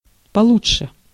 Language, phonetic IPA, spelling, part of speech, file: Russian, [pɐˈɫut͡ʂʂɨ], получше, adverb, Ru-получше.ogg
- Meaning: alternative form of лу́чше (lúčše)